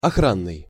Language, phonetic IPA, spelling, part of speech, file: Russian, [ɐˈxranːɨj], охранный, adjective, Ru-охранный.ogg
- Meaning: guarding, protection